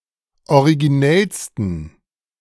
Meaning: 1. superlative degree of originell 2. inflection of originell: strong genitive masculine/neuter singular superlative degree
- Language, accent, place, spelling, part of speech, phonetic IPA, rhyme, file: German, Germany, Berlin, originellsten, adjective, [oʁiɡiˈnɛlstn̩], -ɛlstn̩, De-originellsten.ogg